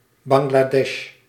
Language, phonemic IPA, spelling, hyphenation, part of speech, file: Dutch, /ˌbɑŋ.(ɡ)laːˈdɛʃ/, Bangladesh, Bangladesh, proper noun, Nl-Bangladesh.ogg
- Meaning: Bangladesh (a country in South Asia)